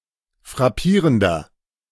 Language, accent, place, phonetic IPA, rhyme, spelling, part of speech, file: German, Germany, Berlin, [fʁaˈpiːʁəndɐ], -iːʁəndɐ, frappierender, adjective, De-frappierender.ogg
- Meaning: 1. comparative degree of frappierend 2. inflection of frappierend: strong/mixed nominative masculine singular 3. inflection of frappierend: strong genitive/dative feminine singular